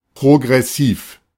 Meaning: 1. progressive (favoring or promoting progress; advanced) 2. progressive (gradually advancing in extent; increasing; advancing in severity)
- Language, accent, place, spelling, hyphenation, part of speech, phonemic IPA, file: German, Germany, Berlin, progressiv, pro‧gres‧siv, adjective, /pʁoɡʁɛˈsiːf/, De-progressiv.ogg